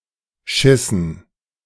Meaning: dative plural of Schiss
- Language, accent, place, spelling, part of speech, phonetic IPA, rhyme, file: German, Germany, Berlin, Schissen, noun, [ˈʃɪsn̩], -ɪsn̩, De-Schissen.ogg